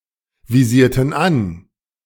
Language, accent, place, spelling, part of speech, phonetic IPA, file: German, Germany, Berlin, visierten an, verb, [viˌziːɐ̯tn̩ ˈan], De-visierten an.ogg
- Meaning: inflection of anvisieren: 1. first/third-person plural preterite 2. first/third-person plural subjunctive II